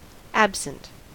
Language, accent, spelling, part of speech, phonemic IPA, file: English, US, absent, adjective / noun / preposition, /ˈæb.sn̩t/, En-us-absent.ogg
- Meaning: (adjective) 1. Being away from a place; withdrawn from a place; existing but not present; (sometimes) missing 2. Not existing 3. Inattentive to what is passing; absent-minded; preoccupied